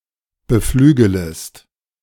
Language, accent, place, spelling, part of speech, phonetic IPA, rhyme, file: German, Germany, Berlin, beflügelest, verb, [bəˈflyːɡələst], -yːɡələst, De-beflügelest.ogg
- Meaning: second-person singular subjunctive I of beflügeln